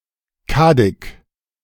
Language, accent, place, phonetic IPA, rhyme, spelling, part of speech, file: German, Germany, Berlin, [ˈkadɪk], -adɪk, Kaddig, noun, De-Kaddig.ogg
- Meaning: juniper (Juniperus communis)